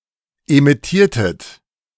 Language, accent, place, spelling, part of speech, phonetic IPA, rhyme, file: German, Germany, Berlin, emittiertet, verb, [emɪˈtiːɐ̯tət], -iːɐ̯tət, De-emittiertet.ogg
- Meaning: inflection of emittieren: 1. second-person plural preterite 2. second-person plural subjunctive II